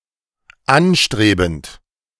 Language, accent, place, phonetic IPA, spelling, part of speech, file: German, Germany, Berlin, [ˈanˌʃtʁeːbn̩t], anstrebend, verb, De-anstrebend.ogg
- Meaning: present participle of anstreben